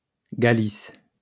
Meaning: Galicia (a former kingdom and autonomous community in northwestern Spain)
- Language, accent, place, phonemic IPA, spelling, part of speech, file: French, France, Lyon, /ɡa.lis/, Galice, proper noun, LL-Q150 (fra)-Galice.wav